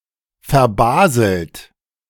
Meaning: past participle of verbaseln
- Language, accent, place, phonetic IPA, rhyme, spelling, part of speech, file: German, Germany, Berlin, [fɛɐ̯ˈbaːzl̩t], -aːzl̩t, verbaselt, verb, De-verbaselt.ogg